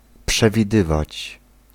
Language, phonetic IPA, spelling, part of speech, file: Polish, [ˌpʃɛvʲiˈdɨvat͡ɕ], przewidywać, verb, Pl-przewidywać.ogg